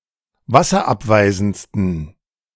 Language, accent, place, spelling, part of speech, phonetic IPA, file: German, Germany, Berlin, wasserabweisendsten, adjective, [ˈvasɐˌʔapvaɪ̯zn̩t͡stən], De-wasserabweisendsten.ogg
- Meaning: 1. superlative degree of wasserabweisend 2. inflection of wasserabweisend: strong genitive masculine/neuter singular superlative degree